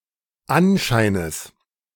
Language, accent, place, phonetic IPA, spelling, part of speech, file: German, Germany, Berlin, [ˈanˌʃaɪ̯nəs], Anscheines, noun, De-Anscheines.ogg
- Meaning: genitive singular of Anschein